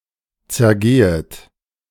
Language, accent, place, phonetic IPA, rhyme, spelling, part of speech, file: German, Germany, Berlin, [t͡sɛɐ̯ˈɡeːət], -eːət, zergehet, verb, De-zergehet.ogg
- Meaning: second-person plural subjunctive I of zergehen